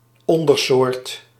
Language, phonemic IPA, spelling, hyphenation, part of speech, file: Dutch, /ˈɔn.dərˌsoːrt/, ondersoort, on‧der‧soort, noun, Nl-ondersoort.ogg
- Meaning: subspecies